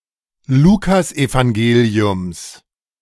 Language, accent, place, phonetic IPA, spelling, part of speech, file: German, Germany, Berlin, [ˈluːkasʔevaŋˌɡeːli̯ʊms], Lukasevangeliums, noun, De-Lukasevangeliums.ogg
- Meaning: genitive singular of Lukasevangelium